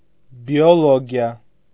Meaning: synonym of կենսաբանություն (kensabanutʻyun)
- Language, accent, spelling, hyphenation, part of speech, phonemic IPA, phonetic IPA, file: Armenian, Eastern Armenian, բիոլոգիա, բի‧ո‧լո‧գի‧ա, noun, /bioloɡiˈɑ/, [bi(j)oloɡjɑ́], Hy-բիոլոգիա.ogg